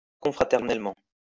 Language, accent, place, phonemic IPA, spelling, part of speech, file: French, France, Lyon, /kɔ̃.fʁa.tɛʁ.nɛl.mɑ̃/, confraternellement, adverb, LL-Q150 (fra)-confraternellement.wav
- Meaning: confraternally